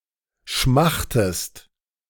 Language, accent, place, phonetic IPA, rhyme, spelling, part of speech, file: German, Germany, Berlin, [ˈʃmaxtəst], -axtəst, schmachtest, verb, De-schmachtest.ogg
- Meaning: inflection of schmachten: 1. second-person singular present 2. second-person singular subjunctive I